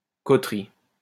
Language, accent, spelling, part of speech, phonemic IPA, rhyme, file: French, France, coterie, noun, /kɔ.tʁi/, -i, LL-Q150 (fra)-coterie.wav
- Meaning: 1. feudal community of peasants 2. coterie, clique, cabal, faction (small, exclusive group of individuals advancing shared interests)